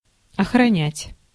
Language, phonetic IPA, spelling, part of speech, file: Russian, [ɐxrɐˈnʲætʲ], охранять, verb, Ru-охранять.ogg
- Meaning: to guard, to safeguard, to defend, to preserve (e.g. the environment)